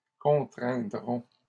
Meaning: first-person plural simple future of contraindre
- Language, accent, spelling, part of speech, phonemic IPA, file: French, Canada, contraindrons, verb, /kɔ̃.tʁɛ̃.dʁɔ̃/, LL-Q150 (fra)-contraindrons.wav